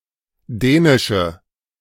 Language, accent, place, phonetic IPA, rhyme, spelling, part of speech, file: German, Germany, Berlin, [ˈdɛːnɪʃə], -ɛːnɪʃə, dänische, adjective, De-dänische.ogg
- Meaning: inflection of dänisch: 1. strong/mixed nominative/accusative feminine singular 2. strong nominative/accusative plural 3. weak nominative all-gender singular 4. weak accusative feminine/neuter singular